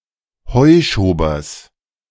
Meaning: genitive singular of Heuschober
- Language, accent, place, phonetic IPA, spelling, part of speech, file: German, Germany, Berlin, [hɔɪ̯ʃoːbɐs], Heuschobers, noun, De-Heuschobers.ogg